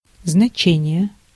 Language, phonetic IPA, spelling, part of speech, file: Russian, [znɐˈt͡ɕenʲɪje], значение, noun, Ru-значение.ogg
- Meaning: 1. significance, meaning, sense 2. significance, importance, consequence, weight 3. value